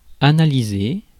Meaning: 1. to analyse 2. to parse, to construe
- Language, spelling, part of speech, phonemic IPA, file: French, analyser, verb, /a.na.li.ze/, Fr-analyser.ogg